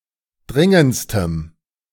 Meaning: strong dative masculine/neuter singular superlative degree of dringend
- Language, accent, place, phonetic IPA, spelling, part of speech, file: German, Germany, Berlin, [ˈdʁɪŋənt͡stəm], dringendstem, adjective, De-dringendstem.ogg